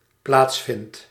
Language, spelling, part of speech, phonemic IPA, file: Dutch, plaatsvindt, verb, /ˈplatsfɪnt/, Nl-plaatsvindt.ogg
- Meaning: second/third-person singular dependent-clause present indicative of plaatsvinden